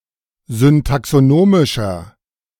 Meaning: inflection of syntaxonomisch: 1. strong/mixed nominative masculine singular 2. strong genitive/dative feminine singular 3. strong genitive plural
- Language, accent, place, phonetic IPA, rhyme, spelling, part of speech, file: German, Germany, Berlin, [zʏntaksoˈnoːmɪʃɐ], -oːmɪʃɐ, syntaxonomischer, adjective, De-syntaxonomischer.ogg